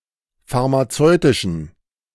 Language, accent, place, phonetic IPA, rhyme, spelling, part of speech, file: German, Germany, Berlin, [faʁmaˈt͡sɔɪ̯tɪʃn̩], -ɔɪ̯tɪʃn̩, pharmazeutischen, adjective, De-pharmazeutischen.ogg
- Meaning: inflection of pharmazeutisch: 1. strong genitive masculine/neuter singular 2. weak/mixed genitive/dative all-gender singular 3. strong/weak/mixed accusative masculine singular 4. strong dative plural